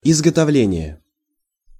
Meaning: production, manufacture, making
- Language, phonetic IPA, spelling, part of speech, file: Russian, [ɪzɡətɐˈvlʲenʲɪje], изготовление, noun, Ru-изготовление.ogg